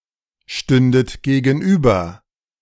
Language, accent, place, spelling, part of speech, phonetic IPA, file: German, Germany, Berlin, stündet gegenüber, verb, [ˌʃtʏndət ɡeːɡn̩ˈʔyːbɐ], De-stündet gegenüber.ogg
- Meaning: second-person plural subjunctive II of gegenüberstehen